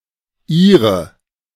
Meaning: 1. inflection of Ihr 2. inflection of Ihr: nominative/accusative feminine singular 3. inflection of Ihr: nominative/accusative plural
- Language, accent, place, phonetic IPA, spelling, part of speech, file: German, Germany, Berlin, [ˈʔiːʁə], Ihre, pronoun, De-Ihre.ogg